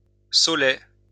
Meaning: willow grove, salicetum
- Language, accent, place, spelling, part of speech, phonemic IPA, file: French, France, Lyon, saulaie, noun, /so.lɛ/, LL-Q150 (fra)-saulaie.wav